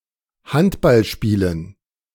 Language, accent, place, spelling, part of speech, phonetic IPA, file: German, Germany, Berlin, Handballspielen, noun, [ˈhantbalˌʃpiːlən], De-Handballspielen.ogg
- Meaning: dative plural of Handballspiel